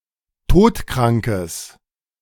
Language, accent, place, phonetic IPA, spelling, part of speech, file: German, Germany, Berlin, [ˈtoːtˌkʁaŋkəs], todkrankes, adjective, De-todkrankes.ogg
- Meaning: strong/mixed nominative/accusative neuter singular of todkrank